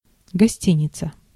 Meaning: hotel, inn
- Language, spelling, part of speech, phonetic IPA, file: Russian, гостиница, noun, [ɡɐˈsʲtʲinʲɪt͡sə], Ru-гостиница.ogg